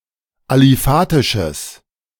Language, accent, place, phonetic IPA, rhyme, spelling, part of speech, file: German, Germany, Berlin, [aliˈfaːtɪʃəs], -aːtɪʃəs, aliphatisches, adjective, De-aliphatisches.ogg
- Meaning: strong/mixed nominative/accusative neuter singular of aliphatisch